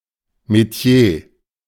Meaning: métier, profession
- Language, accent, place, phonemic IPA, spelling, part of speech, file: German, Germany, Berlin, /meˈti̯eː/, Metier, noun, De-Metier.ogg